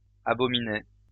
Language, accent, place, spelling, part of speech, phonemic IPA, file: French, France, Lyon, abominaient, verb, /a.bɔ.mi.nɛ/, LL-Q150 (fra)-abominaient.wav
- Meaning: third-person plural imperfect indicative of abominer